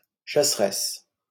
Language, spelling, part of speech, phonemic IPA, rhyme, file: French, chasseresse, noun, /ʃa.s(ə).ʁɛs/, -ɛs, LL-Q150 (fra)-chasseresse.wav
- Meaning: huntress